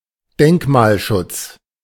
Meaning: monument protection, cultural heritage management (regulation to preserve architecturally or culturally significant structures)
- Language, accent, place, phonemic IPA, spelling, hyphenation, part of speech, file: German, Germany, Berlin, /ˈdɛŋkmaːlˌʃʊt͡s/, Denkmalschutz, Denk‧mal‧schutz, noun, De-Denkmalschutz.ogg